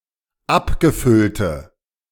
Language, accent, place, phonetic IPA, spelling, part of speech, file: German, Germany, Berlin, [ˈapɡəˌfʏltə], abgefüllte, adjective, De-abgefüllte.ogg
- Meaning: inflection of abgefüllt: 1. strong/mixed nominative/accusative feminine singular 2. strong nominative/accusative plural 3. weak nominative all-gender singular